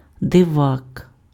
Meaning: eccentric person, kook, weirdo, freak
- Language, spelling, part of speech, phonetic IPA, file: Ukrainian, дивак, noun, [deˈʋak], Uk-дивак.ogg